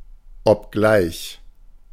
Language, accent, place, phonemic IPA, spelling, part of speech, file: German, Germany, Berlin, /ɔpˈɡlaɪç/, obgleich, conjunction, De-obgleich.ogg
- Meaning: albeit, even though